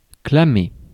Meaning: to proclaim
- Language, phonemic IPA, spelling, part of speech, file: French, /kla.me/, clamer, verb, Fr-clamer.ogg